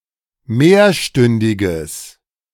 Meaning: strong/mixed nominative/accusative neuter singular of mehrstündig
- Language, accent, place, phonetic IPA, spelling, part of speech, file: German, Germany, Berlin, [ˈmeːɐ̯ˌʃtʏndɪɡəs], mehrstündiges, adjective, De-mehrstündiges.ogg